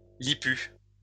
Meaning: having a prominent lower lip; big-lipped
- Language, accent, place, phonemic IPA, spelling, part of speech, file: French, France, Lyon, /li.py/, lippu, adjective, LL-Q150 (fra)-lippu.wav